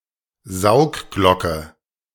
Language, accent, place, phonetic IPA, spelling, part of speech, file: German, Germany, Berlin, [ˈzaʊ̯kˌɡlɔkə], Saugglocke, noun, De-Saugglocke.ogg
- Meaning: plunger (device to clear blockages in drains and pipes)